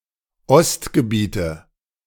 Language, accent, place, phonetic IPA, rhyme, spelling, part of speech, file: German, Germany, Berlin, [ˈɔstɡəˌbiːtə], -ɔstɡəbiːtə, Ostgebiete, noun, De-Ostgebiete.ogg
- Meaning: the pre-1938 territories of the German Reich east of the Oder-Neisse line, from where the German population was expelled after World War II, and which are now parts of Poland and Russia